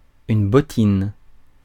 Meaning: boot
- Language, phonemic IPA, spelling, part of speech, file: French, /bɔ.tin/, bottine, noun, Fr-bottine.ogg